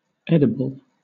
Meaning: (adjective) 1. Capable of being eaten without harm; suitable for consumption; innocuous to humans 2. Capable of being eaten without disgust or disrelish
- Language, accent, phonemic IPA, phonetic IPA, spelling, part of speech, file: English, Southern England, /ˈɛdɪbəl/, [ˈɛdɪbɫ̩], edible, adjective / noun, LL-Q1860 (eng)-edible.wav